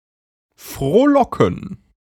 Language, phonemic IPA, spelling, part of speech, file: German, /fʁoːˈlɔkn̩/, frohlocken, verb, De-frohlocken.ogg
- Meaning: to rejoice, exult